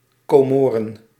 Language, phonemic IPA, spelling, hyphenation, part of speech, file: Dutch, /ˌkoːˈmoː.rə(n)/, Comoren, Co‧mo‧ren, proper noun, Nl-Comoren.ogg
- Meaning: Comoros (a country and group of islands in the Indian Ocean off the coast of East Africa)